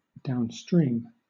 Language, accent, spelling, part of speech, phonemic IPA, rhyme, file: English, Southern England, downstream, adjective / adverb / verb, /ˌdaʊnˈstɹiːm/, -iːm, LL-Q1860 (eng)-downstream.wav
- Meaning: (adjective) Toward the lower part of a stream; with the current (of a river, brook, or other flow of fluid)